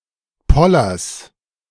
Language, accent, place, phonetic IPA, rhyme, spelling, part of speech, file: German, Germany, Berlin, [ˈpɔlɐs], -ɔlɐs, Pollers, noun, De-Pollers.ogg
- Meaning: genitive of Poller